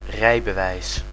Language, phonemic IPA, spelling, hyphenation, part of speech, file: Dutch, /ˈrɛi̯.bəˌʋɛi̯s/, rijbewijs, rij‧be‧wijs, noun, Nl-rijbewijs.ogg
- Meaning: driver's license